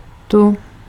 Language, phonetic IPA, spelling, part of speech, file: Czech, [ˈtu], tu, adverb / pronoun, Cs-tu.ogg
- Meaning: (adverb) here; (pronoun) feminine accusative singular of ten